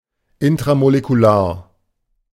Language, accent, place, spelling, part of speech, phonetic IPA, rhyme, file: German, Germany, Berlin, intramolekular, adjective, [ɪntʁamolekuˈlaːɐ̯], -aːɐ̯, De-intramolekular.ogg
- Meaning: intramolecular